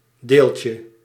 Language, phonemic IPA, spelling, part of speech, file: Dutch, /ˈdelcə/, deeltje, noun, Nl-deeltje.ogg
- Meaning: 1. diminutive of deel 2. particle